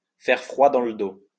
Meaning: to be chilling, to give the creeps, to send shivers down someone's spine
- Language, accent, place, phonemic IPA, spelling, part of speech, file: French, France, Lyon, /fɛʁ fʁwa dɑ̃ l(ə) do/, faire froid dans le dos, verb, LL-Q150 (fra)-faire froid dans le dos.wav